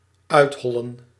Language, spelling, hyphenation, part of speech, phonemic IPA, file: Dutch, uithollen, uit‧hol‧len, verb, /ˈœy̯tˌɦɔ.lə(n)/, Nl-uithollen.ogg
- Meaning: to hollow out